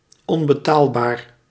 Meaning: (adjective) 1. unaffordable 2. priceless; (adverb) 1. unaffordably 2. pricelessly
- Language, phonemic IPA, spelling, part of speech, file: Dutch, /ˌɔmbəˈtalbar/, onbetaalbaar, adjective, Nl-onbetaalbaar.ogg